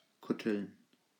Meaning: plural of Kuttel
- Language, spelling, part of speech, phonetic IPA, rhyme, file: German, Kutteln, noun, [ˈkʊtl̩n], -ʊtl̩n, De-Kutteln.ogg